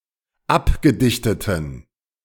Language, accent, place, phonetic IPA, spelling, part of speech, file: German, Germany, Berlin, [ˈapɡəˌdɪçtətn̩], abgedichteten, adjective, De-abgedichteten.ogg
- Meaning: inflection of abgedichtet: 1. strong genitive masculine/neuter singular 2. weak/mixed genitive/dative all-gender singular 3. strong/weak/mixed accusative masculine singular 4. strong dative plural